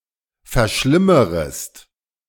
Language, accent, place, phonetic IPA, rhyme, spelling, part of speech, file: German, Germany, Berlin, [fɛɐ̯ˈʃlɪməʁəst], -ɪməʁəst, verschlimmerest, verb, De-verschlimmerest.ogg
- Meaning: second-person singular subjunctive I of verschlimmern